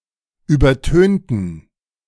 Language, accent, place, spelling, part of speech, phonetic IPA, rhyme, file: German, Germany, Berlin, übertönten, adjective / verb, [ˌyːbɐˈtøːntn̩], -øːntn̩, De-übertönten.ogg
- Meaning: inflection of übertönen: 1. first/third-person plural preterite 2. first/third-person plural subjunctive II